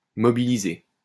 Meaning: to mobilize
- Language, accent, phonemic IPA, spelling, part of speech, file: French, France, /mɔ.bi.li.ze/, mobiliser, verb, LL-Q150 (fra)-mobiliser.wav